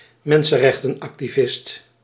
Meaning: human rights activist
- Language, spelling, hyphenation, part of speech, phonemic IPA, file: Dutch, mensenrechtenactivist, men‧sen‧rech‧ten‧ac‧ti‧vist, noun, /ˈmɛn.sə(n).rɛx.tə(n).ɑk.tiˌvɪst/, Nl-mensenrechtenactivist.ogg